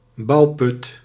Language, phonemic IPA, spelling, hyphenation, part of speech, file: Dutch, /ˈbɑu̯.pʏt/, bouwput, bouw‧put, noun, Nl-bouwput.ogg
- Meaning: excavation